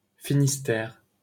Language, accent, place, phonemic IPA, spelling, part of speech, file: French, France, Paris, /fi.nis.tɛʁ/, Finistère, proper noun, LL-Q150 (fra)-Finistère.wav
- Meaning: 1. Finistère (a cape in Brittany, France) 2. Finistère (a department around the cape in Brittany, France)